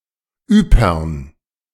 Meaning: Ypres (town in Belgium)
- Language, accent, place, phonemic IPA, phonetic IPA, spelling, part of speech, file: German, Germany, Berlin, /ˈyːpərn/, [ˈʔyː.pɐn], Ypern, proper noun, De-Ypern.ogg